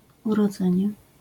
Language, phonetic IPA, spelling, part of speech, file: Polish, [ˌurɔˈd͡zɛ̃ɲɛ], urodzenie, noun, LL-Q809 (pol)-urodzenie.wav